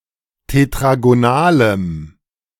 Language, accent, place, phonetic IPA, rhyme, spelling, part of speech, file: German, Germany, Berlin, [tetʁaɡoˈnaːləm], -aːləm, tetragonalem, adjective, De-tetragonalem.ogg
- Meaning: strong dative masculine/neuter singular of tetragonal